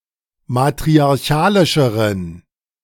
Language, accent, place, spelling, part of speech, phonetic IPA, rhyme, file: German, Germany, Berlin, matriarchalischeren, adjective, [matʁiaʁˈçaːlɪʃəʁən], -aːlɪʃəʁən, De-matriarchalischeren.ogg
- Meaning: inflection of matriarchalisch: 1. strong genitive masculine/neuter singular comparative degree 2. weak/mixed genitive/dative all-gender singular comparative degree